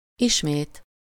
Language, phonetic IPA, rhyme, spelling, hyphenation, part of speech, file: Hungarian, [ˈiʃmeːt], -eːt, ismét, is‧mét, adverb, Hu-ismét.ogg
- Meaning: again